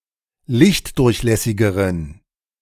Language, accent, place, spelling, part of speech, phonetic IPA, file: German, Germany, Berlin, lichtdurchlässigeren, adjective, [ˈlɪçtˌdʊʁçlɛsɪɡəʁən], De-lichtdurchlässigeren.ogg
- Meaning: inflection of lichtdurchlässig: 1. strong genitive masculine/neuter singular comparative degree 2. weak/mixed genitive/dative all-gender singular comparative degree